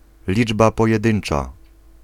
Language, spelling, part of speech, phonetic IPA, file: Polish, liczba pojedyncza, noun, [ˈlʲid͡ʒba ˌpɔjɛˈdɨ̃n͇t͡ʃa], Pl-liczba pojedyncza.ogg